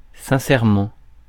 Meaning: 1. sincerely, truly 2. honestly, sincerely
- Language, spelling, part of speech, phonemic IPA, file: French, sincèrement, adverb, /sɛ̃.sɛʁ.mɑ̃/, Fr-sincèrement.ogg